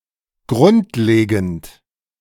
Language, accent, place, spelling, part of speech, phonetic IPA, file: German, Germany, Berlin, grundlegend, adjective, [ˈɡʁʊntˌleːɡn̩t], De-grundlegend.ogg
- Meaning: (verb) present participle of grundlegen; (adjective) fundamental, basic